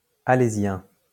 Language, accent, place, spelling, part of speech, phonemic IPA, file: French, France, Lyon, alésien, adjective, /a.le.zjɛ̃/, LL-Q150 (fra)-alésien.wav
- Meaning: of Alès